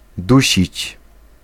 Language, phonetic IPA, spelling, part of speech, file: Polish, [ˈduɕit͡ɕ], dusić, verb, Pl-dusić.ogg